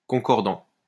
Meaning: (verb) present participle of concorder; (adjective) concordant
- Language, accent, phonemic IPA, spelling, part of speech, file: French, France, /kɔ̃.kɔʁ.dɑ̃/, concordant, verb / adjective, LL-Q150 (fra)-concordant.wav